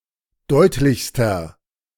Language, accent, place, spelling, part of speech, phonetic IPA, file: German, Germany, Berlin, deutlichster, adjective, [ˈdɔɪ̯tlɪçstɐ], De-deutlichster.ogg
- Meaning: inflection of deutlich: 1. strong/mixed nominative masculine singular superlative degree 2. strong genitive/dative feminine singular superlative degree 3. strong genitive plural superlative degree